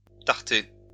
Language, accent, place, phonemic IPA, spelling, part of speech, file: French, France, Lyon, /taʁ.te/, tarter, verb, LL-Q150 (fra)-tarter.wav
- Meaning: slap, strike